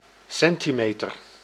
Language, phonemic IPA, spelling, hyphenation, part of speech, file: Dutch, /ˈsɛntiˌmeːtər/, centimeter, cen‧ti‧me‧ter, noun, Nl-centimeter.ogg
- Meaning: 1. centimetre, one-hundredth of a metre 2. tape measure